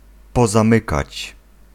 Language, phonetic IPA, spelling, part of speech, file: Polish, [ˌpɔzãˈmɨkat͡ɕ], pozamykać, verb, Pl-pozamykać.ogg